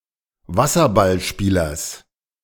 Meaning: genitive of Wasserballspieler
- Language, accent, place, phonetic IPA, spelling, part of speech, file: German, Germany, Berlin, [ˈvasɐbalˌʃpiːlɐs], Wasserballspielers, noun, De-Wasserballspielers.ogg